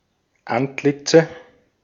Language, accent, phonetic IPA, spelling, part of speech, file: German, Austria, [ˈantˌlɪt͡sə], Antlitze, noun, De-at-Antlitze.ogg
- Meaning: nominative/accusative/genitive plural of Antlitz